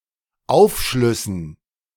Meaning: dative plural of Aufschluss
- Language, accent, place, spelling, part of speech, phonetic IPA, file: German, Germany, Berlin, Aufschlüssen, noun, [ˈaʊ̯fˌʃlʏsn̩], De-Aufschlüssen.ogg